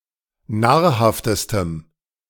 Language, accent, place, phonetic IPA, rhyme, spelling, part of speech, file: German, Germany, Berlin, [ˈnaːɐ̯ˌhaftəstəm], -aːɐ̯haftəstəm, nahrhaftestem, adjective, De-nahrhaftestem.ogg
- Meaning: strong dative masculine/neuter singular superlative degree of nahrhaft